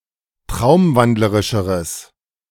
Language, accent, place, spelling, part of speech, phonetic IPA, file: German, Germany, Berlin, traumwandlerischeres, adjective, [ˈtʁaʊ̯mˌvandləʁɪʃəʁəs], De-traumwandlerischeres.ogg
- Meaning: strong/mixed nominative/accusative neuter singular comparative degree of traumwandlerisch